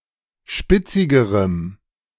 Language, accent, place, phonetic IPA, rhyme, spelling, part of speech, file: German, Germany, Berlin, [ˈʃpɪt͡sɪɡəʁəm], -ɪt͡sɪɡəʁəm, spitzigerem, adjective, De-spitzigerem.ogg
- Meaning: strong dative masculine/neuter singular comparative degree of spitzig